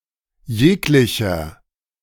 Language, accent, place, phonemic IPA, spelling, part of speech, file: German, Germany, Berlin, /ˈjeːklɪçɐ/, jeglicher, determiner, De-jeglicher.ogg
- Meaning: any, each, every